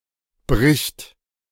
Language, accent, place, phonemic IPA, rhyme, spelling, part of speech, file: German, Germany, Berlin, /bʁɪçt/, -ɪçt, bricht, verb, De-bricht.ogg
- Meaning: third-person singular present of brechen